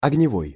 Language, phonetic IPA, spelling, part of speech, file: Russian, [ɐɡnʲɪˈvoj], огневой, adjective, Ru-огневой.ogg
- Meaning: 1. fire 2. fiery, passionate 3. fervent, ardent, boisterous, perky, full of life/pep